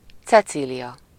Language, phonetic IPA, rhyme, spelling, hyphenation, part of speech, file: Hungarian, [ˈt͡sɛt͡siːlijɒ], -jɒ, Cecília, Ce‧cí‧lia, proper noun, Hu-Cecília.ogg
- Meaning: a female given name, equivalent to English Cecilia